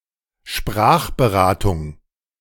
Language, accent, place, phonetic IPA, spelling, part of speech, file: German, Germany, Berlin, [ˈʃpʁaːxbəˌʁaːtʊŋ], Sprachberatung, noun, De-Sprachberatung.ogg
- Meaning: language consultancy / advice